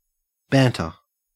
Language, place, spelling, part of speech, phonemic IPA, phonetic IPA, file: English, Queensland, banter, noun / verb, /ˈbæntə/, [ˈbeːn.tɐ], En-au-banter.ogg
- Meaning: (noun) Sharp, good-humoured, playful, typically spontaneous conversation